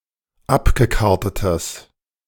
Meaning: strong/mixed nominative/accusative neuter singular of abgekartet
- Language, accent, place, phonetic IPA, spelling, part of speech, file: German, Germany, Berlin, [ˈapɡəˌkaʁtətəs], abgekartetes, adjective, De-abgekartetes.ogg